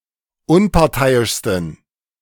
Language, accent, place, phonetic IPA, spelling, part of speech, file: German, Germany, Berlin, [ˈʊnpaʁˌtaɪ̯ɪʃstn̩], unparteiischsten, adjective, De-unparteiischsten.ogg
- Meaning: 1. superlative degree of unparteiisch 2. inflection of unparteiisch: strong genitive masculine/neuter singular superlative degree